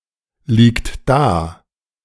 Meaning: inflection of daliegen: 1. third-person singular present 2. second-person plural present 3. plural imperative
- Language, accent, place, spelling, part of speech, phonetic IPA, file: German, Germany, Berlin, liegt da, verb, [ˌliːkt ˈdaː], De-liegt da.ogg